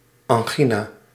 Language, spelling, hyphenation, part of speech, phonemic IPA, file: Dutch, angina, an‧gi‧na, noun, /ˌɑŋˈɣi.naː/, Nl-angina.ogg
- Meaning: angina